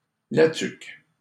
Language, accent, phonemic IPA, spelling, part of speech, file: French, Canada, /la tyk/, La Tuque, proper noun, LL-Q150 (fra)-La Tuque.wav
- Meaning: La Tuque (a city in Mauricie, Quebec, Canada)